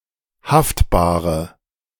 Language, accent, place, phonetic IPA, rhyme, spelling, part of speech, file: German, Germany, Berlin, [ˈhaftbaːʁə], -aftbaːʁə, haftbare, adjective, De-haftbare.ogg
- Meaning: inflection of haftbar: 1. strong/mixed nominative/accusative feminine singular 2. strong nominative/accusative plural 3. weak nominative all-gender singular 4. weak accusative feminine/neuter singular